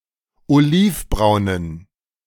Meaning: inflection of olivbraun: 1. strong genitive masculine/neuter singular 2. weak/mixed genitive/dative all-gender singular 3. strong/weak/mixed accusative masculine singular 4. strong dative plural
- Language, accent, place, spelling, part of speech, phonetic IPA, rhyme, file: German, Germany, Berlin, olivbraunen, adjective, [oˈliːfˌbʁaʊ̯nən], -iːfbʁaʊ̯nən, De-olivbraunen.ogg